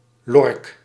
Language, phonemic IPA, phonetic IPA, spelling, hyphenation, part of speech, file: Dutch, /ˈlɔr(ə)k/, [ˈlɔɐ̯k], lork, lork, noun, Nl-lork.ogg
- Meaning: larch (Larix)